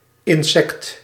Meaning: superseded spelling of insect
- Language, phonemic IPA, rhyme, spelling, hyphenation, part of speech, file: Dutch, /ɪnˈsɛkt/, -ɛkt, insekt, in‧sekt, noun, Nl-insekt.ogg